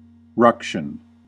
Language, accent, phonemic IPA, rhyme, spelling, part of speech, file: English, US, /ˈɹʌk.ʃən/, -ʌkʃən, ruction, noun, En-us-ruction.ogg
- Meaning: A noisy quarrel or fight